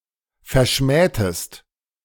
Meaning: inflection of verschmähen: 1. second-person singular preterite 2. second-person singular subjunctive II
- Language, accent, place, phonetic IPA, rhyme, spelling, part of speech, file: German, Germany, Berlin, [fɛɐ̯ˈʃmɛːtəst], -ɛːtəst, verschmähtest, verb, De-verschmähtest.ogg